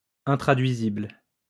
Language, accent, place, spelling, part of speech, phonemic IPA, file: French, France, Lyon, intraduisible, adjective, /ɛ̃.tʁa.dɥi.zibl/, LL-Q150 (fra)-intraduisible.wav
- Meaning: untranslatable